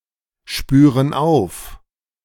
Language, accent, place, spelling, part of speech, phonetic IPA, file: German, Germany, Berlin, spüren auf, verb, [ˌʃpyːʁən ˈaʊ̯f], De-spüren auf.ogg
- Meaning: inflection of aufspüren: 1. first/third-person plural present 2. first/third-person plural subjunctive I